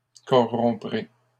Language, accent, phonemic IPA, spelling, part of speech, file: French, Canada, /kɔ.ʁɔ̃.pʁe/, corromprai, verb, LL-Q150 (fra)-corromprai.wav
- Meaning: first-person singular simple future of corrompre